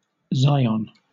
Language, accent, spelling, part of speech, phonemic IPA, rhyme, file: English, Southern England, Zion, proper noun, /ˈzaɪ.ən/, -aɪən, LL-Q1860 (eng)-Zion.wav
- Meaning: A hill in West Jerusalem, in Israel, on which ancient Jerusalem was partly built; a centrepiece to Biblical accounts of old days and future eschatological events